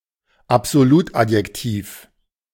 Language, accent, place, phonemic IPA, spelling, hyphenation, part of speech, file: German, Germany, Berlin, /apzoˈluːtˌʔatjɛktiːf/, Absolutadjektiv, Ab‧so‧lut‧ad‧jek‧tiv, noun, De-Absolutadjektiv.ogg
- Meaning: noncomparable adjective